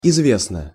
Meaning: 1. it is (well) known 2. short neuter singular of изве́стный (izvéstnyj)
- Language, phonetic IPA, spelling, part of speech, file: Russian, [ɪzˈvʲesnə], известно, adjective, Ru-известно.ogg